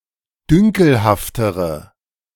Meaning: inflection of dünkelhaft: 1. strong/mixed nominative/accusative feminine singular comparative degree 2. strong nominative/accusative plural comparative degree
- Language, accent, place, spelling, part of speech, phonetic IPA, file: German, Germany, Berlin, dünkelhaftere, adjective, [ˈdʏŋkl̩haftəʁə], De-dünkelhaftere.ogg